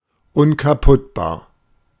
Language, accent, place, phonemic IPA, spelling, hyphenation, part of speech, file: German, Germany, Berlin, /ʊnkaˈpʊtbaːɐ̯/, unkaputtbar, un‧ka‧putt‧bar, adjective, De-unkaputtbar.ogg
- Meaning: indestructible, unbreakable